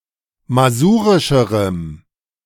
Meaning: strong dative masculine/neuter singular comparative degree of masurisch
- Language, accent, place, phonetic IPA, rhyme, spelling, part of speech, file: German, Germany, Berlin, [maˈzuːʁɪʃəʁəm], -uːʁɪʃəʁəm, masurischerem, adjective, De-masurischerem.ogg